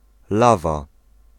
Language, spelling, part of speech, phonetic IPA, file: Polish, lawa, noun, [ˈlava], Pl-lawa.ogg